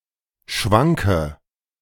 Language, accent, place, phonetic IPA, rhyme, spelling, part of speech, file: German, Germany, Berlin, [ˈʃvaŋkə], -aŋkə, schwanke, adjective / verb, De-schwanke.ogg
- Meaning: inflection of schwanken: 1. first-person singular present 2. first/third-person singular subjunctive I 3. singular imperative